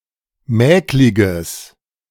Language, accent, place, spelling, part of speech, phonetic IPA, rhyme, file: German, Germany, Berlin, mäkliges, adjective, [ˈmɛːklɪɡəs], -ɛːklɪɡəs, De-mäkliges.ogg
- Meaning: strong/mixed nominative/accusative neuter singular of mäklig